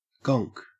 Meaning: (noun) 1. A small fuzzy toy, popularized during wartime 2. A stupid, ignorant, or boorish person 3. A sleep; a nap 4. A prostitute's client; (verb) To lie; to tell an untruth
- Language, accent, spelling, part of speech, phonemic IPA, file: English, Australia, gonk, noun / verb, /ɡɔŋk/, En-au-gonk.ogg